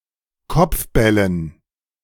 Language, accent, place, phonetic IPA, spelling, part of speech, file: German, Germany, Berlin, [ˈkɔp͡fˌbɛlən], Kopfbällen, noun, De-Kopfbällen.ogg
- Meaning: dative plural of Kopfball